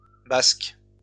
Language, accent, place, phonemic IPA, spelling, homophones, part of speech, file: French, France, Lyon, /bask/, basques, basque, noun, LL-Q150 (fra)-basques.wav
- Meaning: plural of basque